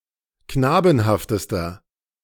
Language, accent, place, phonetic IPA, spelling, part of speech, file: German, Germany, Berlin, [ˈknaːbn̩haftəstɐ], knabenhaftester, adjective, De-knabenhaftester.ogg
- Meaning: inflection of knabenhaft: 1. strong/mixed nominative masculine singular superlative degree 2. strong genitive/dative feminine singular superlative degree 3. strong genitive plural superlative degree